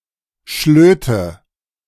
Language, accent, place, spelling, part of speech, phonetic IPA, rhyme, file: German, Germany, Berlin, Schlöte, noun, [ˈʃløːtə], -øːtə, De-Schlöte.ogg
- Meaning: nominative/accusative/genitive plural of Schlot